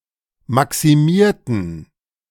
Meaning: inflection of maximieren: 1. first/third-person plural preterite 2. first/third-person plural subjunctive II
- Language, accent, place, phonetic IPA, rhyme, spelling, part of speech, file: German, Germany, Berlin, [ˌmaksiˈmiːɐ̯tn̩], -iːɐ̯tn̩, maximierten, adjective / verb, De-maximierten.ogg